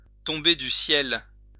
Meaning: to fall into someone's lap, to be a godsend; to come out of nowhere
- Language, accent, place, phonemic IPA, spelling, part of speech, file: French, France, Lyon, /tɔ̃.be dy sjɛl/, tomber du ciel, verb, LL-Q150 (fra)-tomber du ciel.wav